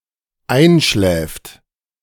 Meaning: third-person singular dependent present of einschlafen
- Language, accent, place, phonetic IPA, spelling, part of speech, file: German, Germany, Berlin, [ˈaɪ̯nˌʃlɛːft], einschläft, verb, De-einschläft.ogg